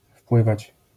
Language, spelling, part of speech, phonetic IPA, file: Polish, wpływać, verb, [ˈfpwɨvat͡ɕ], LL-Q809 (pol)-wpływać.wav